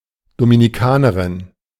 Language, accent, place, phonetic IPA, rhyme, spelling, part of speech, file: German, Germany, Berlin, [dominiˈkaːnəʁɪn], -aːnəʁɪn, Dominikanerin, noun, De-Dominikanerin.ogg
- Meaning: Dominican (female person from the Dominican Republic)